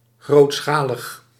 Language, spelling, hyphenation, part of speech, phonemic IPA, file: Dutch, grootschalig, groot‧scha‧lig, adjective, /ˌɣroːtˈsxaː.ləx/, Nl-grootschalig.ogg
- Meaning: large-scale